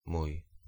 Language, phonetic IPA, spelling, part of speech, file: Polish, [muj], mój, pronoun, Pl-mój.ogg